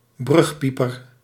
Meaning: a pupil in the first form or grade of secondary education, usually at the age of twelve or thirteen
- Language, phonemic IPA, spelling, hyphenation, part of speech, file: Dutch, /ˈbrʏxˌpi.pər/, brugpieper, brug‧pie‧per, noun, Nl-brugpieper.ogg